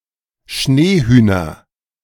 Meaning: nominative/accusative/genitive plural of Schneehuhn
- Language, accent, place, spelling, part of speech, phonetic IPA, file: German, Germany, Berlin, Schneehühner, noun, [ˈʃneːˌhyːnɐ], De-Schneehühner.ogg